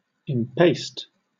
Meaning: 1. To knead; to make into paste; to concrete 2. To lay colours thickly on canvas by the impasto technique
- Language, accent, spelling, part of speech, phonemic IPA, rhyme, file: English, Southern England, impaste, verb, /ɪmˈpeɪst/, -eɪst, LL-Q1860 (eng)-impaste.wav